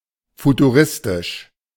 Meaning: futuristic
- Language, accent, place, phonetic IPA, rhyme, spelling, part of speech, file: German, Germany, Berlin, [futuˈʁɪstɪʃ], -ɪstɪʃ, futuristisch, adjective, De-futuristisch.ogg